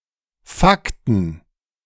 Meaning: plural of Fakt
- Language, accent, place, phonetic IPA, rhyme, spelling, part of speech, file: German, Germany, Berlin, [ˈfaktn̩], -aktn̩, Fakten, noun, De-Fakten.ogg